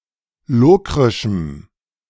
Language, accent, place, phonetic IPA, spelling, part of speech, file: German, Germany, Berlin, [ˈloːkʁɪʃm̩], lokrischem, adjective, De-lokrischem.ogg
- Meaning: strong dative masculine/neuter singular of lokrisch